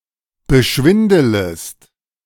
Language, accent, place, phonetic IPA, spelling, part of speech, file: German, Germany, Berlin, [bəˈʃvɪndələst], beschwindelest, verb, De-beschwindelest.ogg
- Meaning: second-person singular subjunctive I of beschwindeln